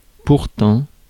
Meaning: however, yet
- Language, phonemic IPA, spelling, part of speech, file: French, /puʁ.tɑ̃/, pourtant, adverb, Fr-pourtant.ogg